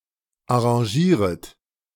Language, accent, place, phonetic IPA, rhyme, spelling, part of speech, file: German, Germany, Berlin, [aʁɑ̃ˈʒiːʁət], -iːʁət, arrangieret, verb, De-arrangieret.ogg
- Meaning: second-person plural subjunctive I of arrangieren